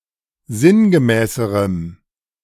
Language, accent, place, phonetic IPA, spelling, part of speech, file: German, Germany, Berlin, [ˈzɪnɡəˌmɛːsəʁəm], sinngemäßerem, adjective, De-sinngemäßerem.ogg
- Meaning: strong dative masculine/neuter singular comparative degree of sinngemäß